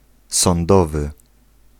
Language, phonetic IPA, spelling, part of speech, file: Polish, [sɔ̃nˈdɔvɨ], sądowy, adjective, Pl-sądowy.ogg